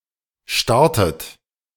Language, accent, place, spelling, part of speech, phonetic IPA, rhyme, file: German, Germany, Berlin, startet, verb, [ˈʃtaʁtət], -aʁtət, De-startet.ogg
- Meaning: inflection of starten: 1. third-person singular present 2. second-person plural present 3. second-person plural subjunctive I 4. plural imperative